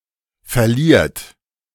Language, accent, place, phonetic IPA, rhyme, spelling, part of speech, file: German, Germany, Berlin, [fɛɐ̯ˈliːɐ̯t], -iːɐ̯t, verliert, verb, De-verliert.ogg
- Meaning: inflection of verlieren: 1. third-person singular present 2. second-person plural present 3. plural imperative